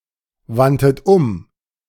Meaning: 1. first-person plural preterite of umwenden 2. third-person plural preterite of umwenden# second-person plural preterite of umwenden
- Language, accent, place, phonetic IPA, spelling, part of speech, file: German, Germany, Berlin, [ˌvantət ˈʊm], wandtet um, verb, De-wandtet um.ogg